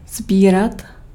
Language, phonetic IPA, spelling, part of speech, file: Czech, [ˈzbiːrat], sbírat, verb, Cs-sbírat.ogg
- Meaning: 1. to collect (for a hobby) 2. to pick (remove a fruit or plant for consumption)